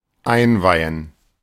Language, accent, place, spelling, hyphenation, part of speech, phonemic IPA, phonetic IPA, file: German, Germany, Berlin, einweihen, ein‧wei‧hen, verb, /ˈaɪ̯nˌvaɪ̯ən/, [ˈʔaɪ̯nˌvaɪ̯n], De-einweihen.ogg
- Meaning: 1. to instruct 2. to initiate 3. to inaugurate, to consecrate